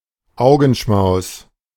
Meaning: feast for the eyes, sight for sore eyes
- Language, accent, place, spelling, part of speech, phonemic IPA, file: German, Germany, Berlin, Augenschmaus, noun, /ˈaʊ̯ɡn̩ˌʃmaʊ̯s/, De-Augenschmaus.ogg